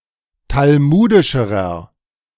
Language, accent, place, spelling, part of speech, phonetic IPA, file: German, Germany, Berlin, talmudischerer, adjective, [talˈmuːdɪʃəʁɐ], De-talmudischerer.ogg
- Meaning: inflection of talmudisch: 1. strong/mixed nominative masculine singular comparative degree 2. strong genitive/dative feminine singular comparative degree 3. strong genitive plural comparative degree